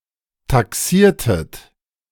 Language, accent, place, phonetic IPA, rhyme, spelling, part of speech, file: German, Germany, Berlin, [taˈksiːɐ̯tət], -iːɐ̯tət, taxiertet, verb, De-taxiertet.ogg
- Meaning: inflection of taxieren: 1. second-person plural preterite 2. second-person plural subjunctive II